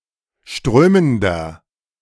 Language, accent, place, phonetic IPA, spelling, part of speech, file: German, Germany, Berlin, [ˈʃtʁøːməndɐ], strömender, adjective, De-strömender.ogg
- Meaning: inflection of strömend: 1. strong/mixed nominative masculine singular 2. strong genitive/dative feminine singular 3. strong genitive plural